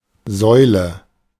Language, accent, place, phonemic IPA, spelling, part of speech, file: German, Germany, Berlin, /ˈzɔʏ̯lə/, Säule, noun, De-Säule.ogg
- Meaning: 1. column, pillar 2. gas pump (clipping of Zapfsäule)